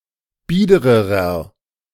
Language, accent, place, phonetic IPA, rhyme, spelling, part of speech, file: German, Germany, Berlin, [ˈbiːdəʁəʁɐ], -iːdəʁəʁɐ, biedererer, adjective, De-biedererer.ogg
- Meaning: inflection of bieder: 1. strong/mixed nominative masculine singular comparative degree 2. strong genitive/dative feminine singular comparative degree 3. strong genitive plural comparative degree